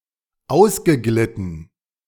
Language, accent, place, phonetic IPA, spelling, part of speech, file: German, Germany, Berlin, [ˈaʊ̯sɡəˌɡlɪtn̩], ausgeglitten, verb, De-ausgeglitten.ogg
- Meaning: past participle of ausgleiten